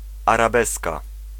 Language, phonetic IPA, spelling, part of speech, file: Polish, [ˌaraˈbɛska], arabeska, noun, Pl-arabeska.ogg